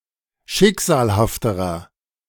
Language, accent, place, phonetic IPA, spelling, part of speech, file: German, Germany, Berlin, [ˈʃɪkz̥aːlhaftəʁɐ], schicksalhafterer, adjective, De-schicksalhafterer.ogg
- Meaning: inflection of schicksalhaft: 1. strong/mixed nominative masculine singular comparative degree 2. strong genitive/dative feminine singular comparative degree